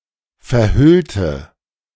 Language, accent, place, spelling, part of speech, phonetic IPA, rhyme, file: German, Germany, Berlin, verhüllte, adjective / verb, [fɛɐ̯ˈhʏltə], -ʏltə, De-verhüllte.ogg
- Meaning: inflection of verhüllen: 1. first/third-person singular preterite 2. first/third-person singular subjunctive II